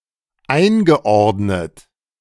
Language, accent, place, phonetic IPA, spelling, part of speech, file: German, Germany, Berlin, [ˈaɪ̯nɡəˌʔɔʁdnət], eingeordnet, verb, De-eingeordnet.ogg
- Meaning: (verb) past participle of einordnen; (adjective) classified